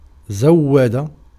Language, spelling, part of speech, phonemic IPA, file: Arabic, زود, verb, /zaw.wa.da/, Ar-زود.ogg
- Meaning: to provide, to equip, to supply